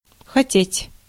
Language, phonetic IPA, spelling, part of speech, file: Russian, [xɐˈtʲetʲ], хотеть, verb, Ru-хотеть.ogg
- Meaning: to want, to desire